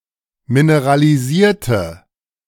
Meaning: inflection of mineralisieren: 1. first/third-person singular preterite 2. first/third-person singular subjunctive II
- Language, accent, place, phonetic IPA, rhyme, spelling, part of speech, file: German, Germany, Berlin, [minəʁaliˈziːɐ̯tə], -iːɐ̯tə, mineralisierte, adjective / verb, De-mineralisierte.ogg